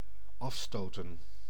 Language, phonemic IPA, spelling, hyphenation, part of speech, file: Dutch, /ˈɑfstoːtə(n)/, afstoten, af‧sto‧ten, verb, Nl-afstoten.ogg
- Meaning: 1. to push away, to repel 2. to start a game